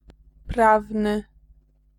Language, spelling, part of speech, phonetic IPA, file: Polish, prawny, adjective, [ˈpravnɨ], Pl-prawny.ogg